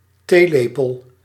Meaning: 1. teaspoon (for tea) 2. teaspoon (for measuring liquid volume)
- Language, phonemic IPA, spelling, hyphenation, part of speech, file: Dutch, /ˈteːˌleː.pəl/, theelepel, thee‧le‧pel, noun, Nl-theelepel.ogg